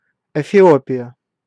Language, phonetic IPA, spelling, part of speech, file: Russian, [ɪfʲɪˈopʲɪjə], Эфиопия, proper noun, Ru-Эфиопия.ogg
- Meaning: Ethiopia (a country in East Africa)